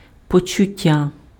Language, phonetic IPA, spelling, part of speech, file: Ukrainian, [pɔt͡ʃʊˈtʲːa], почуття, noun, Uk-почуття.ogg
- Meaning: 1. sense, feeling (sensation) 2. feeling, emotion